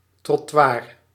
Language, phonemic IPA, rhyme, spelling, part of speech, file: Dutch, /trɔˈtʋaːr/, -aːr, trottoir, noun, Nl-trottoir.ogg
- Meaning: sidewalk (US), pavement (UK), footpath (Australia, India, New Zealand)